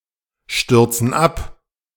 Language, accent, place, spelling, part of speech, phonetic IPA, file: German, Germany, Berlin, stürzen ab, verb, [ˌʃtʏʁt͡sn̩ ˈap], De-stürzen ab.ogg
- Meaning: inflection of abstürzen: 1. first/third-person plural present 2. first/third-person plural subjunctive I